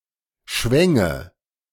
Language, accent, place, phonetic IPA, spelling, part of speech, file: German, Germany, Berlin, [ˈʃvɛŋə], schwänge, verb, De-schwänge.ogg
- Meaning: first/third-person singular subjunctive II of schwingen